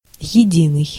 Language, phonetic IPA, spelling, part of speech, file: Russian, [(j)ɪˈdʲinɨj], единый, adjective, Ru-единый.ogg
- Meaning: 1. united, unified, common, indivisible 2. one, single, sole